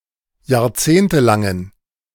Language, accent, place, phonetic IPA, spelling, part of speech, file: German, Germany, Berlin, [jaːɐ̯ˈt͡seːntəˌlaŋən], jahrzehntelangen, adjective, De-jahrzehntelangen.ogg
- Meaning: inflection of jahrzehntelang: 1. strong genitive masculine/neuter singular 2. weak/mixed genitive/dative all-gender singular 3. strong/weak/mixed accusative masculine singular 4. strong dative plural